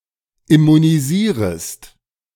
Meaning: second-person singular subjunctive I of immunisieren
- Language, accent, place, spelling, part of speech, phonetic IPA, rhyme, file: German, Germany, Berlin, immunisierest, verb, [ɪmuniˈziːʁəst], -iːʁəst, De-immunisierest.ogg